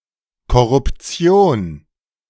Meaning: corruption
- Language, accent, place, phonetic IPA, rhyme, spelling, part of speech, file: German, Germany, Berlin, [kɔʁʊpˈt͡si̯oːn], -oːn, Korruption, noun, De-Korruption.ogg